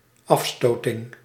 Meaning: repulsion
- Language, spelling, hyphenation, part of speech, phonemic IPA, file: Dutch, afstoting, af‧sto‧ting, noun, /ˈɑfˌstoː.tə(n)/, Nl-afstoting.ogg